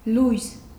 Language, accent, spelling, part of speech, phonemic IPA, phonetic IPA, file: Armenian, Eastern Armenian, լույս, noun, /lujs/, [lujs], Hy-լույս.ogg
- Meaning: 1. light 2. dawn, daybreak 3. electricity, power